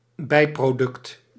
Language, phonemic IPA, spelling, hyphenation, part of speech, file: Dutch, /ˈbɛi̯.proːˌdʏkt/, bijproduct, bij‧pro‧duct, noun, Nl-bijproduct.ogg
- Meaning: byproduct, by-product